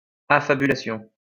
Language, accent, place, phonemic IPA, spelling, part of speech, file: French, France, Lyon, /a.fa.by.la.sjɔ̃/, affabulation, noun, LL-Q150 (fra)-affabulation.wav
- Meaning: 1. the moral of a fable, tale, story, etc 2. fantasy, invention